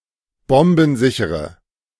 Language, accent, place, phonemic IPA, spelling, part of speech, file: German, Germany, Berlin, /ˈbɔmbn̩ˌzɪçəʁən/, bombensichere, adjective, De-bombensichere.ogg
- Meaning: inflection of bombensicher: 1. strong/mixed nominative/accusative feminine singular 2. strong nominative/accusative plural 3. weak nominative all-gender singular